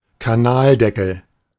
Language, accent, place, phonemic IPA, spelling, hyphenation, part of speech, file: German, Germany, Berlin, /kaˈnaːldɛkl̩/, Kanaldeckel, Ka‧nal‧de‧ckel, noun, De-Kanaldeckel.ogg
- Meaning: manhole cover